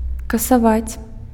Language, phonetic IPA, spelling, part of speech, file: Belarusian, [kasaˈvat͡sʲ], касаваць, verb, Be-касаваць.ogg
- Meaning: to abolish, to cancel